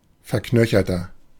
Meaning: inflection of verknöchert: 1. strong/mixed nominative masculine singular 2. strong genitive/dative feminine singular 3. strong genitive plural
- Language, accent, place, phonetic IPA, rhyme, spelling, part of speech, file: German, Germany, Berlin, [fɛɐ̯ˈknœçɐtɐ], -œçɐtɐ, verknöcherter, adjective, De-verknöcherter.ogg